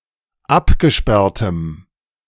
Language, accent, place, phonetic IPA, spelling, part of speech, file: German, Germany, Berlin, [ˈapɡəˌʃpɛʁtəm], abgesperrtem, adjective, De-abgesperrtem.ogg
- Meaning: strong dative masculine/neuter singular of abgesperrt